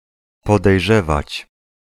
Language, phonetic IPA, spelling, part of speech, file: Polish, [ˌpɔdɛjˈʒɛvat͡ɕ], podejrzewać, verb, Pl-podejrzewać.ogg